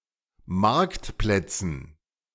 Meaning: dative plural of Marktplatz
- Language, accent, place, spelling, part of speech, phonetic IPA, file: German, Germany, Berlin, Marktplätzen, noun, [ˈmaʁktˌplɛt͡sn̩], De-Marktplätzen.ogg